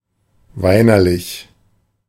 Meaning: tearful, weepy, about to - or with a tendency to shed tears
- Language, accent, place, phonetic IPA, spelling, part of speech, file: German, Germany, Berlin, [ˈvaɪ̯nɐˌlɪç], weinerlich, adjective, De-weinerlich.ogg